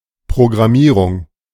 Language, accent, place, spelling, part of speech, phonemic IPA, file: German, Germany, Berlin, Programmierung, noun, /pʁoɡʁaˈmiːʁʊŋ/, De-Programmierung.ogg
- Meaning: 1. programming (domain) 2. programming (the act of programming) 3. programming, program (of a device)